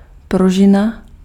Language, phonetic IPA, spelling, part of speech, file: Czech, [ˈpruʒɪna], pružina, noun, Cs-pružina.ogg
- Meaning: spring (device made of flexible material)